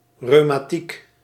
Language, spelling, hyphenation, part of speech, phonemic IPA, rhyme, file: Dutch, reumatiek, reu‧ma‧tiek, noun, /ˌrøː.maːˈtik/, -ik, Nl-reumatiek.ogg
- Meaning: rheumatism